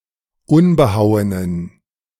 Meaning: inflection of unbehauen: 1. strong genitive masculine/neuter singular 2. weak/mixed genitive/dative all-gender singular 3. strong/weak/mixed accusative masculine singular 4. strong dative plural
- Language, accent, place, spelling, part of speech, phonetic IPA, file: German, Germany, Berlin, unbehauenen, adjective, [ˈʊnbəˌhaʊ̯ənən], De-unbehauenen.ogg